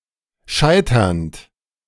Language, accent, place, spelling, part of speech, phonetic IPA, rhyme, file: German, Germany, Berlin, scheiternd, verb, [ˈʃaɪ̯tɐnt], -aɪ̯tɐnt, De-scheiternd.ogg
- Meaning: present participle of scheitern